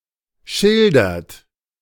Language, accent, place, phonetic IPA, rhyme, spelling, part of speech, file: German, Germany, Berlin, [ˈʃɪldɐt], -ɪldɐt, schildert, verb, De-schildert.ogg
- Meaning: inflection of schildern: 1. third-person singular present 2. second-person plural present 3. plural imperative